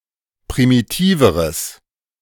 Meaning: strong/mixed nominative/accusative neuter singular comparative degree of primitiv
- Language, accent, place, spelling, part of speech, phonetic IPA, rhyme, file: German, Germany, Berlin, primitiveres, adjective, [pʁimiˈtiːvəʁəs], -iːvəʁəs, De-primitiveres.ogg